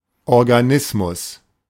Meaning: organism
- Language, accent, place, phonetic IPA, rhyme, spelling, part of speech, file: German, Germany, Berlin, [ˌɔʁɡaˈnɪsmʊs], -ɪsmʊs, Organismus, noun, De-Organismus.ogg